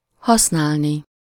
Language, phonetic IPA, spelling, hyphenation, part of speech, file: Hungarian, [ˈhɒsnaːlni], használni, hasz‧nál‧ni, verb, Hu-használni.ogg
- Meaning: infinitive of használ